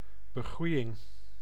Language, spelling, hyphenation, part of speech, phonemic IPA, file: Dutch, begroeiing, be‧groei‧ing, noun, /bəˈɣru.jɪŋ/, Nl-begroeiing.ogg
- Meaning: vegetation